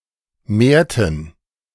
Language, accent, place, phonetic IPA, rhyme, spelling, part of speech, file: German, Germany, Berlin, [ˈmeːɐ̯tn̩], -eːɐ̯tn̩, mehrten, verb, De-mehrten.ogg
- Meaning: inflection of mehren: 1. first/third-person plural preterite 2. first/third-person plural subjunctive II